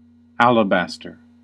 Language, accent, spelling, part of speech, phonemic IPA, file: English, US, alabaster, noun / adjective, /ˈæl.əˌbæs.tɚ/, En-us-alabaster.ogg
- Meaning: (noun) 1. A fine-grained white or lightly-tinted variety of gypsum, used ornamentally 2. A variety of calcite, translucent and sometimes banded 3. A sculpture executed in alabaster